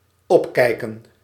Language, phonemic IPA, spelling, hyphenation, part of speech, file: Dutch, /ˈɔpˌkɛi̯.kə(n)/, opkijken, op‧kij‧ken, verb, Nl-opkijken.ogg
- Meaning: 1. to look (in an) up(ward manner); to lift one's eyes 2. to admire, respect, look up to